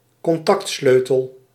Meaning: a car key, an engine key
- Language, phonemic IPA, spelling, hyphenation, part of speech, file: Dutch, /kɔnˈtɑktˌsløː.təl/, contactsleutel, con‧tact‧sleu‧tel, noun, Nl-contactsleutel.ogg